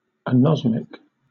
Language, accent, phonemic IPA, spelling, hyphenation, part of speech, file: English, Southern England, /æˈnɒzmɪk/, anosmic, anos‧mic, adjective / noun, LL-Q1860 (eng)-anosmic.wav
- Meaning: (adjective) 1. Having anosmia; lacking a sense of smell 2. Lacking olfactory organs; anosmatic; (noun) A person with anosmia; a person lacking a sense of smell